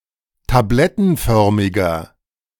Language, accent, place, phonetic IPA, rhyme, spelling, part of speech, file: German, Germany, Berlin, [taˈblɛtn̩ˌfœʁmɪɡɐ], -ɛtn̩fœʁmɪɡɐ, tablettenförmiger, adjective, De-tablettenförmiger.ogg
- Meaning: inflection of tablettenförmig: 1. strong/mixed nominative masculine singular 2. strong genitive/dative feminine singular 3. strong genitive plural